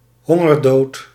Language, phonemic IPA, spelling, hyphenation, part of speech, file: Dutch, /ˈɦɔ.ŋərˌdoːt/, hongerdood, hon‧ger‧dood, noun, Nl-hongerdood.ogg
- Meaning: death by starvation